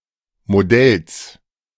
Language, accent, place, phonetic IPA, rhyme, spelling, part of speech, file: German, Germany, Berlin, [moˈdɛls], -ɛls, Modells, noun, De-Modells.ogg
- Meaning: genitive singular of Modell